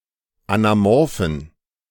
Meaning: inflection of anamorph: 1. strong genitive masculine/neuter singular 2. weak/mixed genitive/dative all-gender singular 3. strong/weak/mixed accusative masculine singular 4. strong dative plural
- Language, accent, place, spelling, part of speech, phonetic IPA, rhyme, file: German, Germany, Berlin, anamorphen, adjective, [anaˈmɔʁfn̩], -ɔʁfn̩, De-anamorphen.ogg